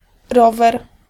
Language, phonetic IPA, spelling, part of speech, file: Polish, [ˈrɔvɛr], rower, noun, Pl-rower.ogg